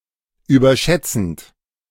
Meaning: present participle of überschätzen
- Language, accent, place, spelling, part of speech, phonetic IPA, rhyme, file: German, Germany, Berlin, überschätzend, verb, [yːbɐˈʃɛt͡sn̩t], -ɛt͡sn̩t, De-überschätzend.ogg